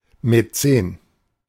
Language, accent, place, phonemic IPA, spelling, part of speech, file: German, Germany, Berlin, /mɛˈt͡seːn/, Mäzen, noun, De-Mäzen.ogg
- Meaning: Maecenas, patron, sponsor